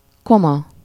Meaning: 1. chum 2. godfather
- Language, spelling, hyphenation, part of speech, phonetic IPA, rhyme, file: Hungarian, koma, ko‧ma, noun, [ˈkomɒ], -mɒ, Hu-koma.ogg